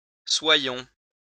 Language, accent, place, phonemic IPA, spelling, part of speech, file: French, France, Lyon, /swa.jɔ̃/, soyons, verb, LL-Q150 (fra)-soyons.wav
- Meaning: 1. inflection of être 2. inflection of être: first-person plural present subjunctive 3. inflection of être: first-person plural imperative